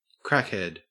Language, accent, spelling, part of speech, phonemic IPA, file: English, Australia, crackhead, noun, /ˈkɹæk.hɛd/, En-au-crackhead.ogg
- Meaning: 1. A person who is addicted to or regularly uses crack cocaine 2. Someone whose thinking makes no sense; a fool or an idiot; broadly, any contemptible person